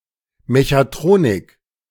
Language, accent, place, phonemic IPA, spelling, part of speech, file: German, Germany, Berlin, /meçaˈtʁoːnɪk/, Mechatronik, noun, De-Mechatronik.ogg
- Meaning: mechatronics (synergistic combination)